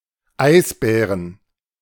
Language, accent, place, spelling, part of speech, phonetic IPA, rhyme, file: German, Germany, Berlin, Eisbären, noun, [ˈaɪ̯sˌbɛːʁən], -aɪ̯sbɛːʁən, De-Eisbären.ogg
- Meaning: 1. genitive singular of Eisbär 2. plural of Eisbär